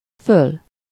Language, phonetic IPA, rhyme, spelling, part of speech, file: Hungarian, [ˈføl], -øl, föl, adverb / noun, Hu-föl.ogg
- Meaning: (adverb) alternative form of fel; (noun) 1. cream as milk product 2. cream as best part of something 3. film, membrane